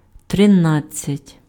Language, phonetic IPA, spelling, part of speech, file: Ukrainian, [treˈnad͡zʲt͡sʲɐtʲ], тринадцять, numeral, Uk-тринадцять.ogg
- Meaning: thirteen (13)